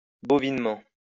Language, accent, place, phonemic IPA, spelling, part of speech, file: French, France, Lyon, /bɔ.vin.mɑ̃/, bovinement, adverb, LL-Q150 (fra)-bovinement.wav
- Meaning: 1. bovinely 2. sluggishly